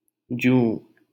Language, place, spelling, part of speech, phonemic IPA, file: Hindi, Delhi, जूँ, noun, /d͡ʒũː/, LL-Q1568 (hin)-जूँ.wav
- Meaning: louse